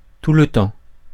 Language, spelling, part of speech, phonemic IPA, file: French, tout le temps, adverb, /tu l(ə) tɑ̃/, Fr-tout le temps.ogg
- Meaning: 1. all the time; (very) often 2. constantly; all the time